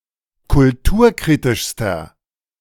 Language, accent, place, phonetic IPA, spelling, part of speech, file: German, Germany, Berlin, [kʊlˈtuːɐ̯ˌkʁiːtɪʃstɐ], kulturkritischster, adjective, De-kulturkritischster.ogg
- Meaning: inflection of kulturkritisch: 1. strong/mixed nominative masculine singular superlative degree 2. strong genitive/dative feminine singular superlative degree